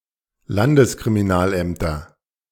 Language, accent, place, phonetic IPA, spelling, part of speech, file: German, Germany, Berlin, [ˈlandəskʁimiˌnaːlʔɛmtɐ], Landeskriminalämter, noun, De-Landeskriminalämter.ogg
- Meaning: nominative/accusative/genitive plural of Landeskriminalamt